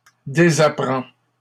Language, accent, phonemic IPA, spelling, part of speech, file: French, Canada, /de.za.pʁɑ̃/, désapprend, verb, LL-Q150 (fra)-désapprend.wav
- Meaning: third-person singular present indicative of désapprendre